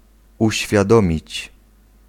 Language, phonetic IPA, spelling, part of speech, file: Polish, [ˌuɕfʲjaˈdɔ̃mʲit͡ɕ], uświadomić, verb, Pl-uświadomić.ogg